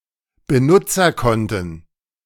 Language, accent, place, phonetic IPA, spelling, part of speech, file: German, Germany, Berlin, [bəˈnʊt͡sɐˌkɔntən], Benutzerkonten, noun, De-Benutzerkonten.ogg
- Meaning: plural of Benutzerkonto